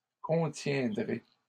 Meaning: second-person plural future of contenir
- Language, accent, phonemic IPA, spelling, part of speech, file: French, Canada, /kɔ̃.tjɛ̃.dʁe/, contiendrez, verb, LL-Q150 (fra)-contiendrez.wav